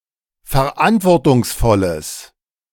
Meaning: strong/mixed nominative/accusative neuter singular of verantwortungsvoll
- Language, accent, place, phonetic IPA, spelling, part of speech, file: German, Germany, Berlin, [fɛɐ̯ˈʔantvɔʁtʊŋsˌfɔləs], verantwortungsvolles, adjective, De-verantwortungsvolles.ogg